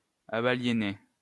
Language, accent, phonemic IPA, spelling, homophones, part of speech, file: French, France, /a.ba.lje.ne/, abaliénai, abaliéné / abaliénée / abaliénées / abaliéner / abaliénés / abaliénez, verb, LL-Q150 (fra)-abaliénai.wav
- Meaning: first-person singular past historic of abaliéner